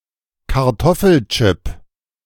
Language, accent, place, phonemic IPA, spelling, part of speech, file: German, Germany, Berlin, /kaʁˈtɔfəlˌtʃɪp/, Kartoffelchip, noun, De-Kartoffelchip.ogg
- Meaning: crisp; chip (fried strip of potato)